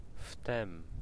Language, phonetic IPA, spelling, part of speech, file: Polish, [ftɛ̃m], wtem, adverb, Pl-wtem.ogg